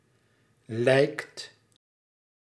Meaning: inflection of lijken: 1. second/third-person singular present indicative 2. plural imperative
- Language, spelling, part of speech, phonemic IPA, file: Dutch, lijkt, verb, /lɛi̯kt/, Nl-lijkt.ogg